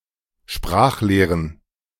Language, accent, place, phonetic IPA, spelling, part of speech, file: German, Germany, Berlin, [ˈʃpʁaːxˌleːʁən], Sprachlehren, noun, De-Sprachlehren.ogg
- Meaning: plural of Sprachlehre